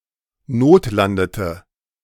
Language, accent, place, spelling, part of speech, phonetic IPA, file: German, Germany, Berlin, notlandete, verb, [ˈnoːtˌlandətə], De-notlandete.ogg
- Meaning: inflection of notlanden: 1. first/third-person singular preterite 2. first/third-person singular subjunctive II